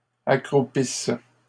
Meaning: inflection of accroupir: 1. first/third-person singular present subjunctive 2. first-person singular imperfect subjunctive
- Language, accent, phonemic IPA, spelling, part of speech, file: French, Canada, /a.kʁu.pis/, accroupisse, verb, LL-Q150 (fra)-accroupisse.wav